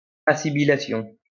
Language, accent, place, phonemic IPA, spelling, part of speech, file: French, France, Lyon, /a.si.bi.la.sjɔ̃/, assibilation, noun, LL-Q150 (fra)-assibilation.wav
- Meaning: assibilation